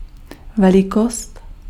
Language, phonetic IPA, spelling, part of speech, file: Czech, [ˈvɛlɪkost], velikost, noun, Cs-velikost.ogg
- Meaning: size